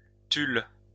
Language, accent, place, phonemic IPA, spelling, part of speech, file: French, France, Lyon, /tyl/, tulle, noun, LL-Q150 (fra)-tulle.wav
- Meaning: tulle